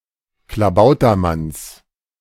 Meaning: genitive singular of Klabautermann
- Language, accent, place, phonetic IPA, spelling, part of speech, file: German, Germany, Berlin, [klaˈbaʊ̯tɐˌmans], Klabautermanns, noun, De-Klabautermanns.ogg